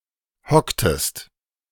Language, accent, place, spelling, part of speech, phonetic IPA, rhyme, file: German, Germany, Berlin, hocktest, verb, [ˈhɔktəst], -ɔktəst, De-hocktest.ogg
- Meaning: inflection of hocken: 1. second-person singular preterite 2. second-person singular subjunctive II